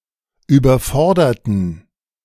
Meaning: inflection of überfordern: 1. first/third-person plural preterite 2. first/third-person plural subjunctive II
- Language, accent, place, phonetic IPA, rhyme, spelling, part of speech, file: German, Germany, Berlin, [yːbɐˈfɔʁdɐtn̩], -ɔʁdɐtn̩, überforderten, adjective / verb, De-überforderten.ogg